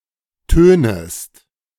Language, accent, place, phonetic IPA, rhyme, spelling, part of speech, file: German, Germany, Berlin, [ˈtøːnəst], -øːnəst, tönest, verb, De-tönest.ogg
- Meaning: second-person singular subjunctive I of tönen